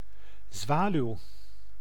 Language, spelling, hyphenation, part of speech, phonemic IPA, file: Dutch, zwaluw, zwa‧luw, noun, /ˈzʋaː.lyu̯/, Nl-zwaluw.ogg
- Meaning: a swallow, bird of the family Hirundinidae